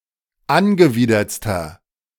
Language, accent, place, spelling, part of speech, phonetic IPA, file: German, Germany, Berlin, angewidertster, adjective, [ˈanɡəˌviːdɐt͡stɐ], De-angewidertster.ogg
- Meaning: inflection of angewidert: 1. strong/mixed nominative masculine singular superlative degree 2. strong genitive/dative feminine singular superlative degree 3. strong genitive plural superlative degree